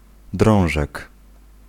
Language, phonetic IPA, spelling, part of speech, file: Polish, [ˈdrɔ̃w̃ʒɛk], drążek, noun, Pl-drążek.ogg